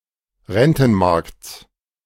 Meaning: genitive singular of Rentenmarkt
- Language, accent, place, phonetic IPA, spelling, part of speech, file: German, Germany, Berlin, [ˈʁɛntn̩ˌmaʁkt͡s], Rentenmarkts, noun, De-Rentenmarkts.ogg